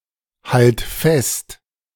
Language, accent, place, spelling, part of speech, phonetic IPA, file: German, Germany, Berlin, halt fest, verb, [ˌhalt ˈfɛst], De-halt fest.ogg
- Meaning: singular imperative of festhalten